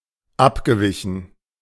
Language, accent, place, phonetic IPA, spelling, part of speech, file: German, Germany, Berlin, [ˈapɡəˌvɪçn̩], abgewichen, verb, De-abgewichen.ogg
- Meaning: past participle of abweichen